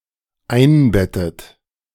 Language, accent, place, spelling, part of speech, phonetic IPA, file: German, Germany, Berlin, einbettet, verb, [ˈaɪ̯nˌbɛtət], De-einbettet.ogg
- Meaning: inflection of einbetten: 1. third-person singular dependent present 2. second-person plural dependent present 3. second-person plural dependent subjunctive I